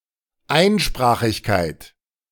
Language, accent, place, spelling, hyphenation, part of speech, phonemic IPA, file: German, Germany, Berlin, Einsprachigkeit, Ein‧spra‧chig‧keit, noun, /ˈaɪ̯nˌʃpʁaːχɪçkaɪ̯t/, De-Einsprachigkeit.ogg
- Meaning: monolingualism, unilingualism, monoglottism